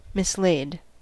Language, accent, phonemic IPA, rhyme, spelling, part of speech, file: English, US, /mɪsˈleɪd/, -eɪd, mislaid, adjective / verb, En-us-mislaid.ogg
- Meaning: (adjective) That cannot be currently found, put in an obscure place, lost - often temporarily; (verb) simple past and past participle of mislay